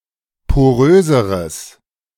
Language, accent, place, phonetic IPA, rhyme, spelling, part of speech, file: German, Germany, Berlin, [poˈʁøːzəʁəs], -øːzəʁəs, poröseres, adjective, De-poröseres.ogg
- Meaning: strong/mixed nominative/accusative neuter singular comparative degree of porös